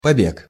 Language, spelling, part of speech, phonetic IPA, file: Russian, побег, noun, [pɐˈbʲek], Ru-побег.ogg
- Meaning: 1. flight, escape 2. sprout, shoot